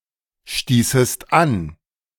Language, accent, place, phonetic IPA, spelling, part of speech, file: German, Germany, Berlin, [ˌʃtiːsəst ˈan], stießest an, verb, De-stießest an.ogg
- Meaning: second-person singular subjunctive II of anstoßen